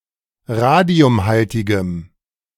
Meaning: strong dative masculine/neuter singular of radiumhaltig
- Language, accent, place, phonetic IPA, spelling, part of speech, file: German, Germany, Berlin, [ˈʁaːdi̯ʊmˌhaltɪɡəm], radiumhaltigem, adjective, De-radiumhaltigem.ogg